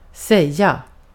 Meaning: 1. to say 2. to tell 3. to be said
- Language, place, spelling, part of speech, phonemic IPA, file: Swedish, Gotland, säga, verb, /²sɛjːa/, Sv-säga.ogg